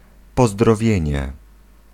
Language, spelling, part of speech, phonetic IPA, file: Polish, pozdrowienie, noun, [ˌpɔzdrɔˈvʲjɛ̇̃ɲɛ], Pl-pozdrowienie.ogg